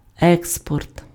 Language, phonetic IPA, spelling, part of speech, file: Ukrainian, [ˈɛkspɔrt], експорт, noun, Uk-експорт.ogg
- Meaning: export